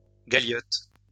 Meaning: galliot
- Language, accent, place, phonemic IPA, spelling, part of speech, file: French, France, Lyon, /ɡa.ljɔt/, galiote, noun, LL-Q150 (fra)-galiote.wav